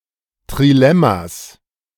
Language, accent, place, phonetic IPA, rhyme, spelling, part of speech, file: German, Germany, Berlin, [tʁiˈlɛmas], -ɛmas, Trilemmas, noun, De-Trilemmas.ogg
- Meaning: 1. genitive singular of Trilemma 2. plural of Trilemma